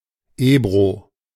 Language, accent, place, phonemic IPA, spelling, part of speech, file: German, Germany, Berlin, /ˈeːbʁo/, Ebro, proper noun, De-Ebro.ogg
- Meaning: Ebro (a river in Spain)